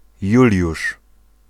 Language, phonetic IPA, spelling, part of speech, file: Polish, [ˈjulʲjuʃ], Juliusz, proper noun, Pl-Juliusz.ogg